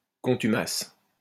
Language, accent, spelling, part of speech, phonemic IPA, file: French, France, contumace, noun, /kɔ̃.ty.mas/, LL-Q150 (fra)-contumace.wav
- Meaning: 1. contumacy (disobedience, resistance to authority) 2. person who refuses to obey authority